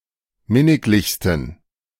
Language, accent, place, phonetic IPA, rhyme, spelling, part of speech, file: German, Germany, Berlin, [ˈmɪnɪklɪçstn̩], -ɪnɪklɪçstn̩, minniglichsten, adjective, De-minniglichsten.ogg
- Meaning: 1. superlative degree of minniglich 2. inflection of minniglich: strong genitive masculine/neuter singular superlative degree